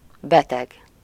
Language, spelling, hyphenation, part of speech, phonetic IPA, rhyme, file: Hungarian, beteg, be‧teg, adjective / noun, [ˈbɛtɛɡ], -ɛɡ, Hu-beteg.ogg
- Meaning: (adjective) sick, ill; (noun) patient (a person or animal who receives treatment from a doctor or other medically educated person)